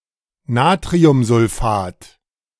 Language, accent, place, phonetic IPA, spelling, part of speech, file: German, Germany, Berlin, [ˈnaːtʁiʊmzʊlˌfaːt], Natriumsulfat, noun, De-Natriumsulfat.ogg
- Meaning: sodium sulfate